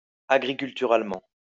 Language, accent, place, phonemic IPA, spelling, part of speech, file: French, France, Lyon, /a.ɡʁi.kyl.ty.ʁal.mɑ̃/, agriculturalement, adverb, LL-Q150 (fra)-agriculturalement.wav
- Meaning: agriculturally